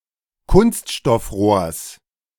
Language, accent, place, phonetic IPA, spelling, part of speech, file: German, Germany, Berlin, [ˈkʊnstʃtɔfˌʁoːɐ̯s], Kunststoffrohrs, noun, De-Kunststoffrohrs.ogg
- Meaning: genitive singular of Kunststoffrohr